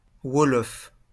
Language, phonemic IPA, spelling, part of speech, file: French, /wɔ.lɔf/, wolof, adjective / noun, LL-Q150 (fra)-wolof.wav
- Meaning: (adjective) Wolof; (noun) Wolof (language)